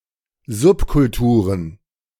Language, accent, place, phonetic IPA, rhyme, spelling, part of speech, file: German, Germany, Berlin, [ˈzʊpkʊlˌtuːʁən], -ʊpkʊltuːʁən, Subkulturen, noun, De-Subkulturen.ogg
- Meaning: plural of Subkultur